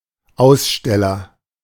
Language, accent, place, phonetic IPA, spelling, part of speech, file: German, Germany, Berlin, [ˈaʊ̯sˌʃtɛlɐ], Aussteller, noun, De-Aussteller.ogg
- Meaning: 1. exhibitor 2. drawer (of a cheque) 3. issuer